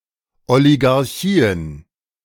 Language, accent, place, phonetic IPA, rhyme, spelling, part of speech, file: German, Germany, Berlin, [oliɡaʁˈçiːən], -iːən, Oligarchien, noun, De-Oligarchien.ogg
- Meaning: plural of Oligarchie